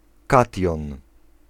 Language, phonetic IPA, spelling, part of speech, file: Polish, [ˈkatʲjɔ̃n], kation, noun, Pl-kation.ogg